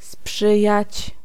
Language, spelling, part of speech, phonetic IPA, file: Polish, sprzyjać, verb, [ˈspʃɨjät͡ɕ], Pl-sprzyjać.ogg